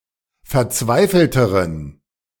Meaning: inflection of verzweifelt: 1. strong genitive masculine/neuter singular comparative degree 2. weak/mixed genitive/dative all-gender singular comparative degree
- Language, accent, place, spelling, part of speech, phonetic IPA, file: German, Germany, Berlin, verzweifelteren, adjective, [fɛɐ̯ˈt͡svaɪ̯fl̩təʁən], De-verzweifelteren.ogg